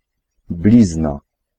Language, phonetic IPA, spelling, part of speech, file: Polish, [ˈblʲizna], blizna, noun, Pl-blizna.ogg